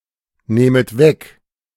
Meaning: second-person plural subjunctive II of wegnehmen
- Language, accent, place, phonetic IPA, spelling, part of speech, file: German, Germany, Berlin, [ˌnɛːmət ˈvɛk], nähmet weg, verb, De-nähmet weg.ogg